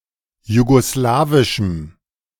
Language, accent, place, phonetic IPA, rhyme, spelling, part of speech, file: German, Germany, Berlin, [juɡoˈslaːvɪʃm̩], -aːvɪʃm̩, jugoslawischem, adjective, De-jugoslawischem.ogg
- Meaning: strong dative masculine/neuter singular of jugoslawisch